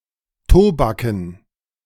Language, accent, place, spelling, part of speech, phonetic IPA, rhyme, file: German, Germany, Berlin, Tobaken, noun, [ˈtoːbakn̩], -oːbakn̩, De-Tobaken.ogg
- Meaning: dative plural of Tobak